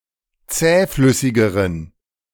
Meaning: inflection of zähflüssig: 1. strong genitive masculine/neuter singular comparative degree 2. weak/mixed genitive/dative all-gender singular comparative degree
- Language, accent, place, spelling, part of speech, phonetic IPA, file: German, Germany, Berlin, zähflüssigeren, adjective, [ˈt͡sɛːˌflʏsɪɡəʁən], De-zähflüssigeren.ogg